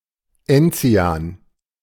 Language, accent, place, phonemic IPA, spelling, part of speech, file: German, Germany, Berlin, /ˈɛnt͡siaːn/, Enzian, noun, De-Enzian.ogg
- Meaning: 1. gentian 2. gentian schnapps, Enzian